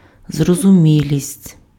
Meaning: intelligibility, comprehensibility, apprehensibility, understandability, perspicuity, perspicuousness
- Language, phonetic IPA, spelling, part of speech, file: Ukrainian, [zrɔzʊˈmʲilʲisʲtʲ], зрозумілість, noun, Uk-зрозумілість.ogg